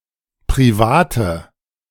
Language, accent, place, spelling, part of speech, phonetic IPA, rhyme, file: German, Germany, Berlin, private, adjective, [pʁiˈvaːtə], -aːtə, De-private.ogg
- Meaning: inflection of privat: 1. strong/mixed nominative/accusative feminine singular 2. strong nominative/accusative plural 3. weak nominative all-gender singular 4. weak accusative feminine/neuter singular